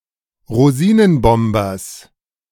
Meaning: genitive singular of Rosinenbomber
- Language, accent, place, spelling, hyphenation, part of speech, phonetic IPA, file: German, Germany, Berlin, Rosinenbombers, Ro‧si‧nen‧bom‧bers, noun, [ʁoˈziːnənˌbɔmbɐs], De-Rosinenbombers.ogg